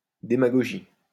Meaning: 1. demagogy 2. demagogism
- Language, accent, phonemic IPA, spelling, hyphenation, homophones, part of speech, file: French, France, /de.ma.ɡɔ.ʒi/, démagogie, dé‧ma‧go‧gie, démagogies, noun, LL-Q150 (fra)-démagogie.wav